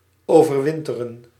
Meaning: to overwinter (to spend the winter)
- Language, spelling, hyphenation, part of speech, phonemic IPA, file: Dutch, overwinteren, over‧win‧te‧ren, verb, /ˌoː.vərˈʋɪn.tə.rə(n)/, Nl-overwinteren.ogg